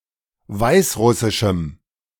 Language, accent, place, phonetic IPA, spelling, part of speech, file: German, Germany, Berlin, [ˈvaɪ̯sˌʁʊsɪʃm̩], weißrussischem, adjective, De-weißrussischem.ogg
- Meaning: strong dative masculine/neuter singular of weißrussisch